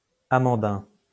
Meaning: almond-like, amygdalic
- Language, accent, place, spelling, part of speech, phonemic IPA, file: French, France, Lyon, amandin, adjective, /a.mɑ̃.dɛ̃/, LL-Q150 (fra)-amandin.wav